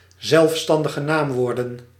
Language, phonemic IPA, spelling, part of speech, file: Dutch, /ˈzɛlᵊfˌstɑndəɣə ˈnamwordə(n)/, zelfstandige naamwoorden, noun, Nl-zelfstandige naamwoorden.ogg
- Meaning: plural of zelfstandig naamwoord